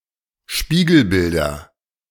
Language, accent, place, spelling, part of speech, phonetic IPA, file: German, Germany, Berlin, Spiegelbilder, noun, [ˈʃpiːɡl̩ˌbɪldɐ], De-Spiegelbilder.ogg
- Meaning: nominative/accusative/genitive plural of Spiegelbild